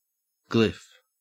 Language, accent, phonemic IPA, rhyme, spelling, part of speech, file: English, Australia, /ɡlɪf/, -ɪf, glyph, noun, En-au-glyph.ogg
- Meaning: A figure carved in relief or incised, especially representing a sound, word, or idea